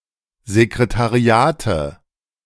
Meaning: nominative/accusative/genitive plural of Sekretariat
- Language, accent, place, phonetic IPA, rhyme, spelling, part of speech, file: German, Germany, Berlin, [zekʁetaˈʁi̯aːtə], -aːtə, Sekretariate, noun, De-Sekretariate.ogg